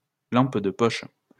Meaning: torch, flashlight
- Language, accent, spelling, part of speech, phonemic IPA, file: French, France, lampe de poche, noun, /lɑ̃p də pɔʃ/, LL-Q150 (fra)-lampe de poche.wav